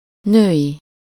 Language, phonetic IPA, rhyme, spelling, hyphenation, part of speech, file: Hungarian, [ˈnøːji], -ji, női, női, adjective / noun, Hu-női.ogg
- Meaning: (adjective) women’s, ladies’, womanly, feminine, female, maiden (of or related to women or the female gender in general, typically used by women, belonging to women, or consisting of women)